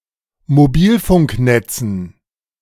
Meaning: dative plural of Mobilfunknetz
- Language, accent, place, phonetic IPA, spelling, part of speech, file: German, Germany, Berlin, [moˈbiːlfʊŋkˌnɛt͡sn̩], Mobilfunknetzen, noun, De-Mobilfunknetzen.ogg